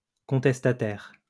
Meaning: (adjective) contesting, anti-establishment; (noun) protester
- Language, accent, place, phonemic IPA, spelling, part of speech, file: French, France, Lyon, /kɔ̃.tɛs.ta.tɛʁ/, contestataire, adjective / noun, LL-Q150 (fra)-contestataire.wav